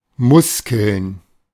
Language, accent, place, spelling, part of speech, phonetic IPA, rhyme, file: German, Germany, Berlin, Muskeln, noun, [ˈmʊskl̩n], -ʊskl̩n, De-Muskeln.ogg
- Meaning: plural of Muskel